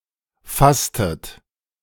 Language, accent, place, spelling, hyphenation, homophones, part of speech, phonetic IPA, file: German, Germany, Berlin, fasstet, fass‧tet, fastet, verb, [ˈfastət], De-fasstet.ogg
- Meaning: inflection of fassen: 1. second-person plural preterite 2. second-person plural subjunctive II